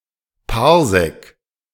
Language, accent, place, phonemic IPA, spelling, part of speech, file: German, Germany, Berlin, /paʁˈzɛk/, Parsec, noun, De-Parsec.ogg
- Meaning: parsec (parallax second)